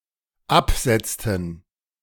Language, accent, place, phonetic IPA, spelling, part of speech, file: German, Germany, Berlin, [ˈapˌz̥ɛt͡stn̩], absetzten, verb, De-absetzten.ogg
- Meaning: inflection of absetzen: 1. first/third-person plural dependent preterite 2. first/third-person plural dependent subjunctive II